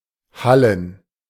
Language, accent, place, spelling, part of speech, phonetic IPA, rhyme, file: German, Germany, Berlin, hallen, verb, [ˈhalən], -alən, De-hallen.ogg
- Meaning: to echo